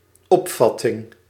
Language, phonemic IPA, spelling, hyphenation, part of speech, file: Dutch, /ˈɔpfɑtɪŋ/, opvatting, op‧vat‧ting, noun, Nl-opvatting.ogg
- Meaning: 1. concept, idea 2. opinion, view